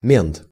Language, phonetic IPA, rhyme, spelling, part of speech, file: Russian, [mʲent], -ent, мент, noun, Ru-мент.ogg
- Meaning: cop